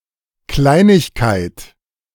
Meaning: bagatelle, trifle, little something, minor thing (insignificant, minor, or little thing)
- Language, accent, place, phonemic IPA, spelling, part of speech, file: German, Germany, Berlin, /ˈklaɪ̯nɪçkaɪ̯t/, Kleinigkeit, noun, De-Kleinigkeit.ogg